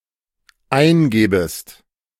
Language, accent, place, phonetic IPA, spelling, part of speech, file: German, Germany, Berlin, [ˈaɪ̯nˌɡɛːbəst], eingäbest, verb, De-eingäbest.ogg
- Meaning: second-person singular dependent subjunctive II of eingeben